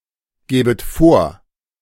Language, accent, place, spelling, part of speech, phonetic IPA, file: German, Germany, Berlin, gäbet vor, verb, [ˌɡɛːbət ˈfoːɐ̯], De-gäbet vor.ogg
- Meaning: second-person plural subjunctive II of vorgeben